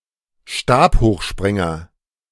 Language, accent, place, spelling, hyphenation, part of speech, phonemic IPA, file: German, Germany, Berlin, Stabhochspringer, Stab‧hoch‧sprin‧ger, noun, /ˈʃtaːphoːxˌʃpʁɪŋɐ/, De-Stabhochspringer.ogg
- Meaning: pole vaulter